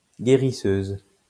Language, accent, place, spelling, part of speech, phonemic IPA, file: French, France, Lyon, guérisseuse, noun, /ɡe.ʁi.søz/, LL-Q150 (fra)-guérisseuse.wav
- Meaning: female equivalent of guérisseur